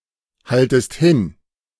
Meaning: second-person singular subjunctive I of hinhalten
- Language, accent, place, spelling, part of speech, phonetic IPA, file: German, Germany, Berlin, haltest hin, verb, [ˌhaltəst ˈhɪn], De-haltest hin.ogg